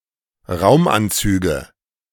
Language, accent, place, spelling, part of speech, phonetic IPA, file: German, Germany, Berlin, Raumanzüge, noun, [ˈʁaʊ̯mʔanˌt͡syːɡə], De-Raumanzüge.ogg
- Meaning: nominative/accusative/genitive plural of Raumanzug